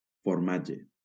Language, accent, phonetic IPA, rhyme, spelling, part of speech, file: Catalan, Valencia, [foɾˈma.d͡ʒe], -adʒe, formatge, noun, LL-Q7026 (cat)-formatge.wav
- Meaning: cheese